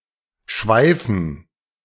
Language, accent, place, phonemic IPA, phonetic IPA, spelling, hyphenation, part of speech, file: German, Germany, Berlin, /ˈʃvaɪ̯fən/, [ˈʃvaɪ̯fn̩], schweifen, schwei‧fen, verb, De-schweifen.ogg
- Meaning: 1. to wander, to rove 2. to curve